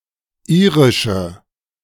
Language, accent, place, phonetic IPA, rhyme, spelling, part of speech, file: German, Germany, Berlin, [ˈiːʁɪʃə], -iːʁɪʃə, irische, adjective, De-irische.ogg
- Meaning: inflection of irisch: 1. strong/mixed nominative/accusative feminine singular 2. strong nominative/accusative plural 3. weak nominative all-gender singular 4. weak accusative feminine/neuter singular